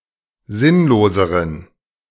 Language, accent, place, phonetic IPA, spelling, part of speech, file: German, Germany, Berlin, [ˈzɪnloːzəʁən], sinnloseren, adjective, De-sinnloseren.ogg
- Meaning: inflection of sinnlos: 1. strong genitive masculine/neuter singular comparative degree 2. weak/mixed genitive/dative all-gender singular comparative degree